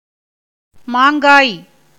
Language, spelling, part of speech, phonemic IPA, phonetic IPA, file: Tamil, மாங்காய், noun, /mɑːŋɡɑːj/, [mäːŋɡäːj], Ta-மாங்காய்.ogg
- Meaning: 1. unripe mango fruit 2. kidney (of quadrupeds) 3. gizzard (of birds)